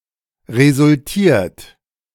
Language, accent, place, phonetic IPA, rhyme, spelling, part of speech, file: German, Germany, Berlin, [ʁezʊlˈtiːɐ̯t], -iːɐ̯t, resultiert, verb, De-resultiert.ogg
- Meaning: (verb) past participle of resultieren; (adjective) resulted